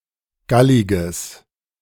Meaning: strong/mixed nominative/accusative neuter singular of gallig
- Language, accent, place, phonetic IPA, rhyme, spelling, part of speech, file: German, Germany, Berlin, [ˈɡalɪɡəs], -alɪɡəs, galliges, adjective, De-galliges.ogg